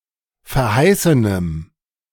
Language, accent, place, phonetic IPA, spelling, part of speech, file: German, Germany, Berlin, [fɛɐ̯ˈhaɪ̯sənəm], verheißenem, adjective, De-verheißenem.ogg
- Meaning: strong dative masculine/neuter singular of verheißen